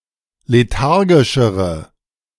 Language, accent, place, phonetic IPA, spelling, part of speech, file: German, Germany, Berlin, [leˈtaʁɡɪʃəʁə], lethargischere, adjective, De-lethargischere.ogg
- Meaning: inflection of lethargisch: 1. strong/mixed nominative/accusative feminine singular comparative degree 2. strong nominative/accusative plural comparative degree